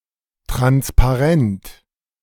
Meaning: banner
- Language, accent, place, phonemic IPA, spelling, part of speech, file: German, Germany, Berlin, /ˌtʁanspaˈʁɛnt/, Transparent, noun, De-Transparent.ogg